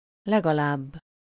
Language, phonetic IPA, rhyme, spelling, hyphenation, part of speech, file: Hungarian, [ˈlɛɡɒlaːbː], -aːbː, legalább, leg‧alább, adverb, Hu-legalább.ogg
- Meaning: at least, leastwise, leastways (at the least; at a minimum or lower limit)